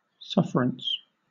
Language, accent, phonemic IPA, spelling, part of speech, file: English, Southern England, /ˈsʌf(ə)ɹəns/, sufferance, noun, LL-Q1860 (eng)-sufferance.wav
- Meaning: 1. Endurance, especially patiently, of pain or adversity 2. Acquiescence or tacit compliance with some circumstance, behavior, or instruction 3. Suffering; pain, misery 4. Loss; damage; injury